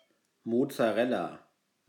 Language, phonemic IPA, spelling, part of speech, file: German, /mɔt͡saˈʁɛla/, Mozzarella, noun, De-Mozzarella.ogg
- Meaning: mozzarella